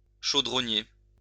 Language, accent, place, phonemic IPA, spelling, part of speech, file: French, France, Lyon, /ʃo.dʁɔ.nje/, chaudronnier, noun, LL-Q150 (fra)-chaudronnier.wav
- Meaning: 1. a person who makes or sells pots and pans 2. coppersmith